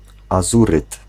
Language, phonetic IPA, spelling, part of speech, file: Polish, [aˈzurɨt], azuryt, noun, Pl-azuryt.ogg